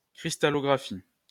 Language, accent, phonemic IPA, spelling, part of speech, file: French, France, /kʁis.ta.lɔ.ɡʁa.fi/, cristallographie, noun, LL-Q150 (fra)-cristallographie.wav
- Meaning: crystallography